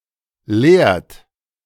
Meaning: inflection of leeren: 1. third-person singular present 2. second-person plural present 3. plural imperative
- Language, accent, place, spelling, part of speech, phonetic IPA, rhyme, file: German, Germany, Berlin, leert, verb, [leːɐ̯t], -eːɐ̯t, De-leert.ogg